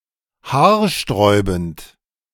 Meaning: hair-raising
- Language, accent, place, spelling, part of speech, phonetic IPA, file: German, Germany, Berlin, haarsträubend, adjective, [ˈhaːɐ̯ˌʃtʁɔɪ̯bn̩t], De-haarsträubend.ogg